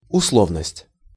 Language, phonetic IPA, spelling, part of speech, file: Russian, [ʊsˈɫovnəsʲtʲ], условность, noun, Ru-условность.ogg
- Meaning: 1. conditional character, conditionality 2. convention, conventionality